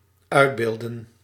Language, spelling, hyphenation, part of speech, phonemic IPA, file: Dutch, uitbeelden, uit‧beel‧den, verb, /ˈœy̯dˌbeːl.də(n)/, Nl-uitbeelden.ogg
- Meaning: to represent, portray, depict